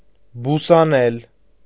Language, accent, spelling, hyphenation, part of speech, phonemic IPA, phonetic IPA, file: Armenian, Eastern Armenian, բուսանել, բու‧սա‧նել, verb, /busɑˈnel/, [busɑnél], Hy-բուսանել.ogg
- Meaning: alternative form of բուսնել (busnel)